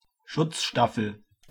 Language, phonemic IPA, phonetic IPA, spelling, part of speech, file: German, /ˈʃʊt͡sˌʃtafəl/, [ˈʃʊt͡sˌʃtafl̩], Schutzstaffel, noun, De-Schutzstaffel.ogg
- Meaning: 1. Schutzstaffel, Schusta 2. Schutzstaffel, SS